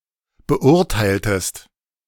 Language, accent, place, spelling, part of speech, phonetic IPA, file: German, Germany, Berlin, beurteiltest, verb, [bəˈʔʊʁtaɪ̯ltəst], De-beurteiltest.ogg
- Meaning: inflection of beurteilen: 1. second-person singular preterite 2. second-person singular subjunctive II